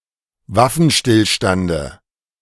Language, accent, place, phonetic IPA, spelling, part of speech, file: German, Germany, Berlin, [ˈvafn̩ˌʃtɪlʃtandə], Waffenstillstande, noun, De-Waffenstillstande.ogg
- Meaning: dative of Waffenstillstand